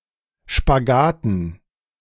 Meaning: dative plural of Spagat
- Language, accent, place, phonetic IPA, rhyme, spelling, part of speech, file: German, Germany, Berlin, [ʃpaˈɡaːtn̩], -aːtn̩, Spagaten, noun, De-Spagaten.ogg